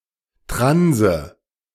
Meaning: 1. tranny; transvestite, cross-dresser 2. tranny; trans person
- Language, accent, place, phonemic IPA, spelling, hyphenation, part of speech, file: German, Germany, Berlin, /ˈtʁanzə/, Transe, Tran‧se, noun, De-Transe.ogg